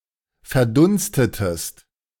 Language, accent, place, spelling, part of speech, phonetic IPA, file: German, Germany, Berlin, verdunstetest, verb, [fɛɐ̯ˈdʊnstətəst], De-verdunstetest.ogg
- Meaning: inflection of verdunsten: 1. second-person singular preterite 2. second-person singular subjunctive II